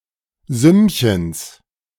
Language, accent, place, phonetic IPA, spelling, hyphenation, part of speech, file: German, Germany, Berlin, [ˈzʏmçəns], Sümmchens, Sümm‧chens, noun, De-Sümmchens.ogg
- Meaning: genitive singular of Sümmchen